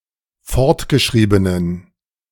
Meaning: inflection of fortgeschrieben: 1. strong genitive masculine/neuter singular 2. weak/mixed genitive/dative all-gender singular 3. strong/weak/mixed accusative masculine singular 4. strong dative plural
- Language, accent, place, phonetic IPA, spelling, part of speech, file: German, Germany, Berlin, [ˈfɔʁtɡəˌʃʁiːbənən], fortgeschriebenen, adjective, De-fortgeschriebenen.ogg